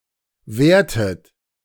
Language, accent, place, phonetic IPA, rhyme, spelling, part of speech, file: German, Germany, Berlin, [ˈvɛːɐ̯tət], -ɛːɐ̯tət, währtet, verb, De-währtet.ogg
- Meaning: inflection of währen: 1. second-person plural preterite 2. second-person plural subjunctive II